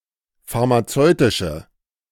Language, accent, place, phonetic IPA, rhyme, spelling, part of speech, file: German, Germany, Berlin, [faʁmaˈt͡sɔɪ̯tɪʃə], -ɔɪ̯tɪʃə, pharmazeutische, adjective, De-pharmazeutische.ogg
- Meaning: inflection of pharmazeutisch: 1. strong/mixed nominative/accusative feminine singular 2. strong nominative/accusative plural 3. weak nominative all-gender singular